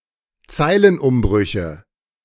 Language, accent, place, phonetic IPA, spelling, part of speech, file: German, Germany, Berlin, [ˈt͡saɪ̯lənˌʔʊmbʁʏçə], Zeilenumbrüche, noun, De-Zeilenumbrüche.ogg
- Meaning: nominative/accusative/genitive plural of Zeilenumbruch